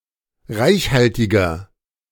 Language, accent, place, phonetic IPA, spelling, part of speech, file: German, Germany, Berlin, [ˈʁaɪ̯çˌhaltɪɡɐ], reichhaltiger, adjective, De-reichhaltiger.ogg
- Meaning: 1. comparative degree of reichhaltig 2. inflection of reichhaltig: strong/mixed nominative masculine singular 3. inflection of reichhaltig: strong genitive/dative feminine singular